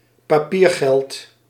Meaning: paper money
- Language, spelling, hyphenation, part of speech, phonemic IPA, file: Dutch, papiergeld, pa‧pier‧geld, noun, /paːˈpiːrˌɣɛlt/, Nl-papiergeld.ogg